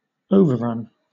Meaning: 1. An instance of overrunning 2. An instance of overrunning.: A turnover: a break to a new line by text flowing within the column 3. The amount by which something overruns
- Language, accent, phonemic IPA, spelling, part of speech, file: English, Southern England, /ˈəʊ.vəˌɹʌn/, overrun, noun, LL-Q1860 (eng)-overrun.wav